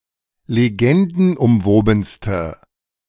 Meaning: inflection of legendenumwoben: 1. strong/mixed nominative/accusative feminine singular superlative degree 2. strong nominative/accusative plural superlative degree
- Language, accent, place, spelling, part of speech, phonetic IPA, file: German, Germany, Berlin, legendenumwobenste, adjective, [leˈɡɛndn̩ʔʊmˌvoːbn̩stə], De-legendenumwobenste.ogg